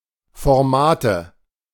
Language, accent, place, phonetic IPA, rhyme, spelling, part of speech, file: German, Germany, Berlin, [fɔʁˈmaːtə], -aːtə, Formate, noun, De-Formate.ogg
- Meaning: nominative/accusative/genitive plural of Format